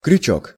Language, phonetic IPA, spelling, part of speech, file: Russian, [krʲʉˈt͡ɕɵk], крючок, noun, Ru-крючок.ogg
- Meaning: 1. hook 2. fish-hook 3. crochet-needle 4. buttonhook, clasper